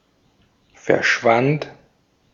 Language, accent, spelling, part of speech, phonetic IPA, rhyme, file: German, Austria, verschwand, verb, [fɛɐ̯ˈʃvant], -ant, De-at-verschwand.ogg
- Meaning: first/third-person singular preterite of verschwinden